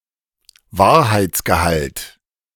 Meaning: veracity, truth content
- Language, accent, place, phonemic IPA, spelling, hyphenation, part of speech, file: German, Germany, Berlin, /ˈvaːɐ̯haɪ̯t͡sɡəˌhalt/, Wahrheitsgehalt, Wahr‧heits‧ge‧halt, noun, De-Wahrheitsgehalt.ogg